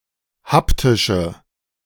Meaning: inflection of haptisch: 1. strong/mixed nominative/accusative feminine singular 2. strong nominative/accusative plural 3. weak nominative all-gender singular
- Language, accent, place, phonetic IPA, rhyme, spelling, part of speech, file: German, Germany, Berlin, [ˈhaptɪʃə], -aptɪʃə, haptische, adjective, De-haptische.ogg